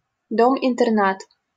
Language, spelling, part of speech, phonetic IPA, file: Russian, интернат, noun, [ɪntɨrˈnat], LL-Q7737 (rus)-интернат.wav
- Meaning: boarding school